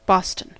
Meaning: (proper noun) A town and borough in Lincolnshire, England (OS grid ref TF3244)
- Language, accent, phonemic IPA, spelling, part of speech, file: English, US, /ˈbɔstən/, Boston, proper noun / noun, En-us-Boston.ogg